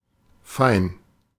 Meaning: 1. fine (not rough, coarse, or thick) 2. fine; very good; as it should be 3. refined; posh; fancy 4. too good (not willing to do something or associate with it because one thinks it beneath one)
- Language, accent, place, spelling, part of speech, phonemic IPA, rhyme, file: German, Germany, Berlin, fein, adjective, /faɪ̯n/, -aɪ̯n, De-fein.ogg